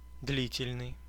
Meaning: long, protracted, lengthy
- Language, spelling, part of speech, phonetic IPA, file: Russian, длительный, adjective, [ˈdlʲitʲɪlʲnɨj], Ru-длительный.ogg